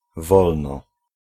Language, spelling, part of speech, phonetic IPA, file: Polish, wolno, adverb / verb, [ˈvɔlnɔ], Pl-wolno.ogg